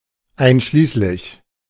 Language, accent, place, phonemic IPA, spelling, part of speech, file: German, Germany, Berlin, /ˈaɪ̯nʃliːslɪç/, einschließlich, preposition / adverb, De-einschließlich.ogg
- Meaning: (preposition) including, comprising; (adverb) inclusively